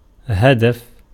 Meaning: 1. target, object, aim, end 2. objective, purpose, design, intention 3. goal 4. goal (“a point scored in a game as a result of placing the object into the goal”)
- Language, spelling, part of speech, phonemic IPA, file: Arabic, هدف, noun, /ha.daf/, Ar-هدف.ogg